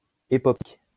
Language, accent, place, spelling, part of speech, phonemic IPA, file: French, France, Lyon, époptique, adjective, /e.pɔp.tik/, LL-Q150 (fra)-époptique.wav
- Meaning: 1. epoptic 2. epioptic